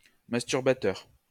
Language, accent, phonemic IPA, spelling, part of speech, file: French, France, /mas.tyʁ.ba.tœʁ/, masturbateur, adjective / noun, LL-Q150 (fra)-masturbateur.wav
- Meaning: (adjective) 1. masturbating 2. masturbatory; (noun) masturbator